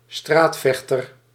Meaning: streetfighter
- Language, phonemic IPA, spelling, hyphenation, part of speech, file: Dutch, /ˈstraːtˌfɛxtər/, straatvechter, straat‧vech‧ter, noun, Nl-straatvechter.ogg